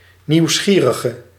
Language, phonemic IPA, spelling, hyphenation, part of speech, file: Dutch, /ˌniu̯ˈsxiː.rə.ɣə/, nieuwsgierige, nieuws‧gie‧ri‧ge, noun / adjective, Nl-nieuwsgierige.ogg
- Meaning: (noun) a curious person, a rubbernecker; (adjective) inflection of nieuwsgierig: 1. masculine/feminine singular attributive 2. definite neuter singular attributive 3. plural attributive